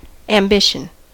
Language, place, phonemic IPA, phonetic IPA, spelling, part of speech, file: English, California, /æmˈbɪʃ.ən/, [ɛəmˈbɪʃ.n̩], ambition, noun / verb, En-us-ambition.ogg
- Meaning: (noun) Eager or inordinate desire for some object that confers distinction, as preferment, honor, superiority, political power, or fame; desire to distinguish one's self from other people